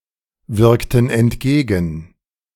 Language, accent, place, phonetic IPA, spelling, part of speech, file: German, Germany, Berlin, [ˌvɪʁktn̩ ɛntˈɡeːɡn̩], wirkten entgegen, verb, De-wirkten entgegen.ogg
- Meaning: inflection of entgegenwirken: 1. first/third-person plural preterite 2. first/third-person plural subjunctive II